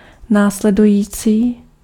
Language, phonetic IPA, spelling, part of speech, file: Czech, [ˈnaːslɛdujiːt͡siː], následující, adjective, Cs-následující.ogg
- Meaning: following, next, subsequent